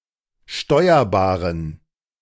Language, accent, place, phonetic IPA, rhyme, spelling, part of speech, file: German, Germany, Berlin, [ˈʃtɔɪ̯ɐbaːʁən], -ɔɪ̯ɐbaːʁən, steuerbaren, adjective, De-steuerbaren.ogg
- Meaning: inflection of steuerbar: 1. strong genitive masculine/neuter singular 2. weak/mixed genitive/dative all-gender singular 3. strong/weak/mixed accusative masculine singular 4. strong dative plural